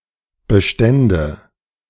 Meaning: nominative/accusative/genitive plural of Bestand
- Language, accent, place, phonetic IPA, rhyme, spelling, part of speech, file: German, Germany, Berlin, [bəˈʃtɛndə], -ɛndə, Bestände, noun, De-Bestände.ogg